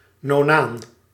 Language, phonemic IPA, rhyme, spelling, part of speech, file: Dutch, /noːˈnaːn/, -aːn, nonaan, noun, Nl-nonaan.ogg
- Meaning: nonane